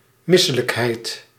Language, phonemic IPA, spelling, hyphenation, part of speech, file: Dutch, /ˈmɪsələkɦɛi̯t/, misselijkheid, mis‧se‧lijk‧heid, noun, Nl-misselijkheid.ogg
- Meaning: 1. nausea 2. vileness